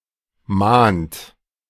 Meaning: inflection of mahnen: 1. third-person singular present 2. second-person plural present 3. plural imperative
- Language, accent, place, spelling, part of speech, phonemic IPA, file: German, Germany, Berlin, mahnt, verb, /maːnt/, De-mahnt.ogg